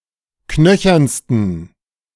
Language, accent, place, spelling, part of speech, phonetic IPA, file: German, Germany, Berlin, knöchernsten, adjective, [ˈknœçɐnstn̩], De-knöchernsten.ogg
- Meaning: 1. superlative degree of knöchern 2. inflection of knöchern: strong genitive masculine/neuter singular superlative degree